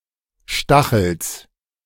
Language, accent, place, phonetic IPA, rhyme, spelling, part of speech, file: German, Germany, Berlin, [ˈʃtaxl̩s], -axl̩s, Stachels, noun, De-Stachels.ogg
- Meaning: genitive singular of Stachel